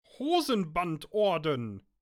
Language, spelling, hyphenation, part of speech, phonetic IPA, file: German, Hosenbandorden, Ho‧sen‧band‧or‧den, noun, [ˈhoːzn̩bantˌʔɔʁdn̩], De-Hosenbandorden.ogg
- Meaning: Order of the Garter (British order of knighthood)